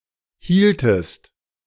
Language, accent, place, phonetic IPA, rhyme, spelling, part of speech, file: German, Germany, Berlin, [ˈhiːltəst], -iːltəst, hieltest, verb, De-hieltest.ogg
- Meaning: inflection of halten: 1. second-person singular preterite 2. second-person singular subjunctive II